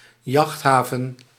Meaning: marina (recreational harbour for yachts and small boats)
- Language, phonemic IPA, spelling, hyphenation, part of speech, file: Dutch, /ˈjɑxtˌɦaː.və(n)/, jachthaven, jacht‧ha‧ven, noun, Nl-jachthaven.ogg